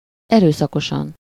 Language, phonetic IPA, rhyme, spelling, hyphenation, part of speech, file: Hungarian, [ˈɛrøːsɒkoʃɒn], -ɒn, erőszakosan, erő‧sza‧ko‧san, adverb, Hu-erőszakosan.ogg
- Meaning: violently, forcefully, aggressively